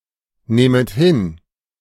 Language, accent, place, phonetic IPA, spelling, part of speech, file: German, Germany, Berlin, [ˌneːmət ˈhɪn], nehmet hin, verb, De-nehmet hin.ogg
- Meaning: second-person plural subjunctive I of hinnehmen